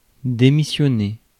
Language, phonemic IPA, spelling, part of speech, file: French, /de.mi.sjɔ.ne/, démissionner, verb, Fr-démissionner.ogg
- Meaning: 1. to resign 2. to dismiss, make resign